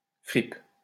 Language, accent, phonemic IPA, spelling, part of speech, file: French, France, /fʁip/, fripe, noun / verb, LL-Q150 (fra)-fripe.wav
- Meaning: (noun) 1. rag (tattered clothes) 2. second-hand clothes 3. clipping of friperie; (verb) inflection of friper: first/third-person singular present indicative/subjunctive